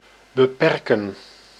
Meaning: 1. to limit, to curtail, to restrict, to constrain 2. to abridge
- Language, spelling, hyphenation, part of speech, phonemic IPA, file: Dutch, beperken, be‧per‧ken, verb, /bəˈpɛrkə(n)/, Nl-beperken.ogg